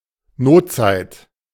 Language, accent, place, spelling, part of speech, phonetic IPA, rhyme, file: German, Germany, Berlin, Notzeit, noun, [ˈnoːtˌt͡saɪ̯t], -oːtt͡saɪ̯t, De-Notzeit.ogg
- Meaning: rainy day, time of need